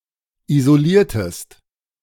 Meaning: inflection of isolieren: 1. second-person singular preterite 2. second-person singular subjunctive II
- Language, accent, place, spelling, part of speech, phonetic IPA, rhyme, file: German, Germany, Berlin, isoliertest, verb, [izoˈliːɐ̯təst], -iːɐ̯təst, De-isoliertest.ogg